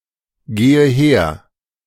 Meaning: inflection of hergehen: 1. first-person singular present 2. first/third-person singular subjunctive I 3. singular imperative
- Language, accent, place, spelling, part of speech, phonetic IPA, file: German, Germany, Berlin, gehe her, verb, [ˌɡeːə ˈheːɐ̯], De-gehe her.ogg